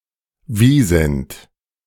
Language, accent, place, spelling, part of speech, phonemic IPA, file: German, Germany, Berlin, Wisent, noun, /ˈviːzɛnt/, De-Wisent.ogg
- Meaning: wisent, European bison (Bison bonasus)